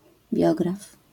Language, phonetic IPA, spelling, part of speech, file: Polish, [ˈbʲjɔɡraf], biograf, noun, LL-Q809 (pol)-biograf.wav